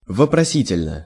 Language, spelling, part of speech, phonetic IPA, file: Russian, вопросительно, adverb, [vəprɐˈsʲitʲɪlʲnə], Ru-вопросительно.ogg
- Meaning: interrogatively